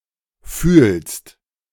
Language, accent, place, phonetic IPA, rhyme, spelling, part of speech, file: German, Germany, Berlin, [fyːlst], -yːlst, fühlst, verb, De-fühlst.ogg
- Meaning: second-person singular present of fühlen